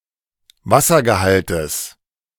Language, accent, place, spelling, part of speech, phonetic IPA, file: German, Germany, Berlin, Wassergehaltes, noun, [ˈvasɐɡəˌhaltəs], De-Wassergehaltes.ogg
- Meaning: genitive singular of Wassergehalt